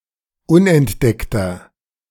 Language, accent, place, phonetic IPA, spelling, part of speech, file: German, Germany, Berlin, [ˈʊnʔɛntˌdɛktɐ], unentdeckter, adjective, De-unentdeckter.ogg
- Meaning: inflection of unentdeckt: 1. strong/mixed nominative masculine singular 2. strong genitive/dative feminine singular 3. strong genitive plural